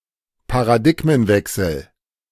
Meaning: paradigm shift
- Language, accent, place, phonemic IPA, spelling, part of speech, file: German, Germany, Berlin, /paʁaˈdɪkmənˌvɛksəl/, Paradigmenwechsel, noun, De-Paradigmenwechsel.ogg